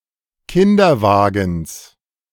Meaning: genitive singular of Kinderwagen
- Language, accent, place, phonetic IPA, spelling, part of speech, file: German, Germany, Berlin, [ˈkɪndɐˌvaːɡn̩s], Kinderwagens, noun, De-Kinderwagens.ogg